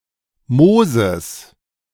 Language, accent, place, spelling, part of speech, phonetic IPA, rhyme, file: German, Germany, Berlin, Mooses, noun, [ˈmoːzəs], -oːzəs, De-Mooses.ogg
- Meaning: genitive singular of Moos